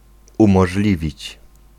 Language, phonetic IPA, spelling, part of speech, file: Polish, [ˌũmɔʒˈlʲivʲit͡ɕ], umożliwić, verb, Pl-umożliwić.ogg